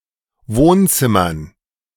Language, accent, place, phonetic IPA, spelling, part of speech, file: German, Germany, Berlin, [ˈvoːnˌt͡sɪmɐn], Wohnzimmern, noun, De-Wohnzimmern.ogg
- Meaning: dative plural of Wohnzimmer